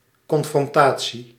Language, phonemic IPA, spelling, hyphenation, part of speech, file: Dutch, /kɔnfrɔnˈtaː.(t)si/, confrontatie, con‧fron‧ta‧tie, noun, Nl-confrontatie.ogg
- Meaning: confrontation, the act of confronting or challenging at least one other party, especially face to face